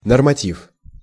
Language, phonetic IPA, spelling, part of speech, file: Russian, [nərmɐˈtʲif], норматив, noun, Ru-норматив.ogg
- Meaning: norm, standard, (in plural) rules, (in plural) regulation(s)